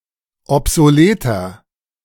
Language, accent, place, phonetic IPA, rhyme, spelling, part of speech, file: German, Germany, Berlin, [ɔpzoˈleːtɐ], -eːtɐ, obsoleter, adjective, De-obsoleter.ogg
- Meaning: 1. comparative degree of obsolet 2. inflection of obsolet: strong/mixed nominative masculine singular 3. inflection of obsolet: strong genitive/dative feminine singular